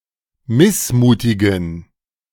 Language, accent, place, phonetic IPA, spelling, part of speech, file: German, Germany, Berlin, [ˈmɪsˌmuːtɪɡn̩], missmutigen, adjective, De-missmutigen.ogg
- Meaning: inflection of missmutig: 1. strong genitive masculine/neuter singular 2. weak/mixed genitive/dative all-gender singular 3. strong/weak/mixed accusative masculine singular 4. strong dative plural